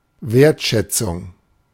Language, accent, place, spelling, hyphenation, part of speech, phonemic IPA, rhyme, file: German, Germany, Berlin, Wertschätzung, Wert‧schät‧zung, noun, /ˈveːɐ̯tˌʃɛt͡sʊŋ/, -ʊŋ, De-Wertschätzung.ogg
- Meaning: 1. appreciation, esteem, high regard 2. appraisal, estimation, valuation